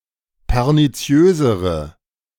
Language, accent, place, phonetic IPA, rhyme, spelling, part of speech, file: German, Germany, Berlin, [pɛʁniˈt͡si̯øːzəʁə], -øːzəʁə, perniziösere, adjective, De-perniziösere.ogg
- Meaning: inflection of perniziös: 1. strong/mixed nominative/accusative feminine singular comparative degree 2. strong nominative/accusative plural comparative degree